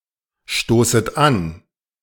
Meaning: second-person plural subjunctive I of anstoßen
- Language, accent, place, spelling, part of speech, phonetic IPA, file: German, Germany, Berlin, stoßet an, verb, [ˌʃtoːsət ˈan], De-stoßet an.ogg